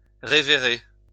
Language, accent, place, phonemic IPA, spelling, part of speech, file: French, France, Lyon, /ʁe.ve.ʁe/, révérer, verb, LL-Q150 (fra)-révérer.wav
- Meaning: to revere